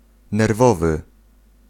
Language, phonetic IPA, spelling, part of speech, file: Polish, [nɛrˈvɔvɨ], nerwowy, adjective, Pl-nerwowy.ogg